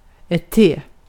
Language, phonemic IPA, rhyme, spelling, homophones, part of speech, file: Swedish, /teː/, -eː, te, t / T, noun / verb / preposition, Sv-te.ogg
- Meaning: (noun) tea (the tree, its dried leaves and the drink made from them); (verb) to appear (a certain way); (preposition) synonym of till